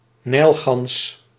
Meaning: Egyptian goose (Alopochen aegyptiaca)
- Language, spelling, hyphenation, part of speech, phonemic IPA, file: Dutch, nijlgans, nijl‧gans, noun, /ˈnɛi̯l.ɣɑns/, Nl-nijlgans.ogg